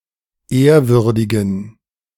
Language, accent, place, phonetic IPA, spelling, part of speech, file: German, Germany, Berlin, [ˈeːɐ̯ˌvʏʁdɪɡn̩], ehrwürdigen, adjective, De-ehrwürdigen.ogg
- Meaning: inflection of ehrwürdig: 1. strong genitive masculine/neuter singular 2. weak/mixed genitive/dative all-gender singular 3. strong/weak/mixed accusative masculine singular 4. strong dative plural